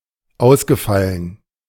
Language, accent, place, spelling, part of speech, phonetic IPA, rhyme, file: German, Germany, Berlin, ausgefallen, verb, [ˈaʊ̯sɡəˌfalən], -aʊ̯sɡəfalən, De-ausgefallen.ogg
- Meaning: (verb) past participle of ausfallen; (adjective) 1. original, fancy 2. unusual, exceptional